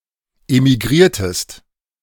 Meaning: inflection of emigrieren: 1. second-person singular preterite 2. second-person singular subjunctive II
- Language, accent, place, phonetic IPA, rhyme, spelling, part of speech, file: German, Germany, Berlin, [emiˈɡʁiːɐ̯təst], -iːɐ̯təst, emigriertest, verb, De-emigriertest.ogg